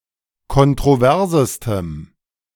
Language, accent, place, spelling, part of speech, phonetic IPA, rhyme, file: German, Germany, Berlin, kontroversestem, adjective, [kɔntʁoˈvɛʁzəstəm], -ɛʁzəstəm, De-kontroversestem.ogg
- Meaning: strong dative masculine/neuter singular superlative degree of kontrovers